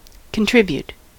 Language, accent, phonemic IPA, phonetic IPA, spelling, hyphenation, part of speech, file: English, US, /kənˈtɹɪb.jut/, [kənˈtɹɪb.(j)əɾ], contribute, con‧trib‧ute, verb, En-us-contribute.ogg
- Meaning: To give something that is or becomes part of a larger whole